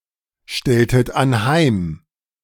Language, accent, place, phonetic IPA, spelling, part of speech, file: German, Germany, Berlin, [ˌʃtɛltət anˈhaɪ̯m], stelltet anheim, verb, De-stelltet anheim.ogg
- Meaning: inflection of anheimstellen: 1. second-person plural preterite 2. second-person plural subjunctive II